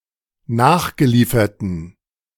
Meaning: inflection of nachgeliefert: 1. strong genitive masculine/neuter singular 2. weak/mixed genitive/dative all-gender singular 3. strong/weak/mixed accusative masculine singular 4. strong dative plural
- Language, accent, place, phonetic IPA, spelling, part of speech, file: German, Germany, Berlin, [ˈnaːxɡəˌliːfɐtn̩], nachgelieferten, adjective, De-nachgelieferten.ogg